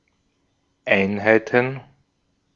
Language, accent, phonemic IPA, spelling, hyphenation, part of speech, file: German, Austria, /ˈaɪ̯nhaɪ̯tən/, Einheiten, Ein‧hei‧ten, noun, De-at-Einheiten.ogg
- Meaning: plural of Einheit